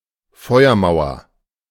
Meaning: firewall
- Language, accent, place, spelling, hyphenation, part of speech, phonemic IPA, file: German, Germany, Berlin, Feuermauer, Feu‧er‧mau‧er, noun, /ˈfɔɪ̯ɐˌmaʊ̯ɐ/, De-Feuermauer.ogg